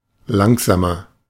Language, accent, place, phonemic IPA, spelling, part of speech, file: German, Germany, Berlin, /ˈlaŋzaːmɐ/, langsamer, adjective, De-langsamer.ogg
- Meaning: 1. comparative degree of langsam 2. inflection of langsam: strong/mixed nominative masculine singular 3. inflection of langsam: strong genitive/dative feminine singular